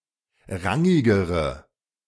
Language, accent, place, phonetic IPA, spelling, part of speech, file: German, Germany, Berlin, [ˈʁaŋɪɡəʁə], rangigere, adjective, De-rangigere.ogg
- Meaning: inflection of rangig: 1. strong/mixed nominative/accusative feminine singular comparative degree 2. strong nominative/accusative plural comparative degree